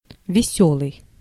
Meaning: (adjective) 1. merry, cheerful, happy, convivial, gleeful, lighthearted 2. funny; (noun) post and baggage train
- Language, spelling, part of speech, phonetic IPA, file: Russian, весёлый, adjective / noun, [vʲɪˈsʲɵɫɨj], Ru-весёлый.ogg